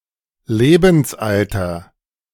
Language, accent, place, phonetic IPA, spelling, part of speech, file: German, Germany, Berlin, [ˈleːbn̩sˌʔaltɐ], Lebensalter, noun, De-Lebensalter.ogg
- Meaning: age (of life)